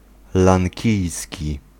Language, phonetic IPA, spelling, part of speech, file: Polish, [lãŋʲˈcijsʲci], lankijski, adjective, Pl-lankijski.ogg